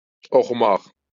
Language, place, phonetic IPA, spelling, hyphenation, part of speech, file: Azerbaijani, Baku, [oχuˈmaχ], oxumaq, o‧xu‧maq, verb, LL-Q9292 (aze)-oxumaq.wav
- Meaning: 1. to read 2. to study 3. to sing